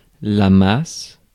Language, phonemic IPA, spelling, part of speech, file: French, /mas/, masse, noun / verb, Fr-masse.ogg
- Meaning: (noun) 1. a paste, a dough 2. large amount or quantity of something; mass 3. something perceived as a whole, without distinguishing its parts 4. a sum or combination of things treated as a whole